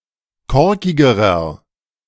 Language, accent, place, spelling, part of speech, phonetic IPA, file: German, Germany, Berlin, korkigerer, adjective, [ˈkɔʁkɪɡəʁɐ], De-korkigerer.ogg
- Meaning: inflection of korkig: 1. strong/mixed nominative masculine singular comparative degree 2. strong genitive/dative feminine singular comparative degree 3. strong genitive plural comparative degree